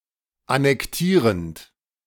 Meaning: present participle of annektieren
- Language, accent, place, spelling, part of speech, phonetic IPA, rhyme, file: German, Germany, Berlin, annektierend, verb, [anɛkˈtiːʁənt], -iːʁənt, De-annektierend.ogg